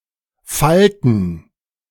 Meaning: 1. gerund of falten 2. plural of Falte
- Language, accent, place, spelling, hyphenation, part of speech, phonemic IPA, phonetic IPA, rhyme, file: German, Germany, Berlin, Falten, Fal‧ten, noun, /ˈfaltən/, [ˈfaltn̩], -altn̩, De-Falten.ogg